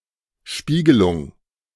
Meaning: 1. reflection 2. mirage 3. endoscopy
- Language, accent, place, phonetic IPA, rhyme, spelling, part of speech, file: German, Germany, Berlin, [ˈʃpiːɡəlʊŋ], -iːɡəlʊŋ, Spiegelung, noun, De-Spiegelung.ogg